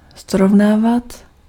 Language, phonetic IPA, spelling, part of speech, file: Czech, [ˈsrovnaːvat], srovnávat, verb, Cs-srovnávat.ogg
- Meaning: imperfective of srovnat